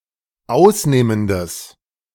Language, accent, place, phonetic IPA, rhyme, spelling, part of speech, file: German, Germany, Berlin, [ˈaʊ̯sˌneːməndəs], -aʊ̯sneːməndəs, ausnehmendes, adjective, De-ausnehmendes.ogg
- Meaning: strong/mixed nominative/accusative neuter singular of ausnehmend